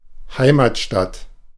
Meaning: hometown
- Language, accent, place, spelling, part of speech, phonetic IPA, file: German, Germany, Berlin, Heimatstadt, noun, [ˈhaɪ̯matˌʃtat], De-Heimatstadt.ogg